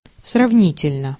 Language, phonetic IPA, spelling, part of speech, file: Russian, [srɐvˈnʲitʲɪlʲnə], сравнительно, adverb, Ru-сравнительно.ogg
- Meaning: 1. comparatively (in a comparative manner) 2. relatively